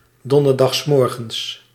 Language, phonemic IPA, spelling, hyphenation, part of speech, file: Dutch, /ˌdɔn.dər.dɑxsˈmɔr.ɣəns/, donderdagsmorgens, don‧der‧dags‧mor‧gens, adverb, Nl-donderdagsmorgens.ogg
- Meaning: on Thursday morning